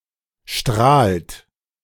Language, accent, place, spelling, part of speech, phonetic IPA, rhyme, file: German, Germany, Berlin, strahlt, verb, [ʃtʁaːlt], -aːlt, De-strahlt.ogg
- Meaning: inflection of strahlen: 1. third-person singular present 2. second-person plural present 3. plural imperative